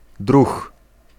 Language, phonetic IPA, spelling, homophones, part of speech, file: Polish, [drux], druh, druch, noun, Pl-druh.ogg